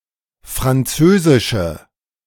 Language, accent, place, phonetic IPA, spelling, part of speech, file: German, Germany, Berlin, [fʁanˈt͡søːzɪʃə], französische, adjective, De-französische.ogg
- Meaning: inflection of französisch: 1. strong/mixed nominative/accusative feminine singular 2. strong nominative/accusative plural 3. weak nominative all-gender singular